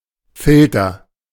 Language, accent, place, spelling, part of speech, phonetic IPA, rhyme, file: German, Germany, Berlin, Filter, noun, [ˈfɪltɐ], -ɪltɐ, De-Filter.ogg
- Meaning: filter